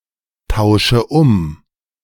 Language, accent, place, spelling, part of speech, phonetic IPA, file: German, Germany, Berlin, tausche um, verb, [ˌtaʊ̯ʃə ˈʊm], De-tausche um.ogg
- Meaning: inflection of umtauschen: 1. first-person singular present 2. first/third-person singular subjunctive I 3. singular imperative